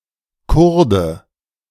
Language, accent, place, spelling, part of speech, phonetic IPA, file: German, Germany, Berlin, Kurde, noun, [ˈkʊʁdə], De-Kurde.ogg
- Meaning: Kurd (male or of unspecified gender)